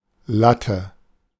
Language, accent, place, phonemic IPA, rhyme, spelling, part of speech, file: German, Germany, Berlin, /ˈlatə/, -atə, Latte, noun, De-Latte.ogg
- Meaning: 1. batten; lath; slat (narrow board or strip, usually of wood) 2. boner, erection 3. beanpole (tall, thin person) 4. heap, ton (large quantity) 5. all the same